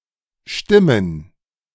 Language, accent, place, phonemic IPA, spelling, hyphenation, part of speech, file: German, Germany, Berlin, /ˈʃtɪmən/, stimmen, stim‧men, verb, De-stimmen.ogg
- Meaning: 1. to be right, to be correct, to be proper, to be true 2. to vote 3. to tune 4. to make (someone happy, sad, etc.)